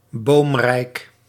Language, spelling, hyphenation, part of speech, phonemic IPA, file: Dutch, boomrijk, boom‧rijk, adjective, /ˈboːm.rɛi̯k/, Nl-boomrijk.ogg
- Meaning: wooded, having many trees